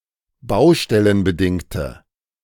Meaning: inflection of baustellenbedingt: 1. strong/mixed nominative/accusative feminine singular 2. strong nominative/accusative plural 3. weak nominative all-gender singular
- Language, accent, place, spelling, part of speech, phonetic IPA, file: German, Germany, Berlin, baustellenbedingte, adjective, [ˈbaʊ̯ʃtɛlənbəˌdɪŋtə], De-baustellenbedingte.ogg